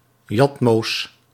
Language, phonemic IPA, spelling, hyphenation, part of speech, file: Dutch, /ˈjɑt.moːs/, jatmoos, jat‧moos, noun, Nl-jatmoos.ogg
- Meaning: 1. the first cash a merchant receives on a day 2. thief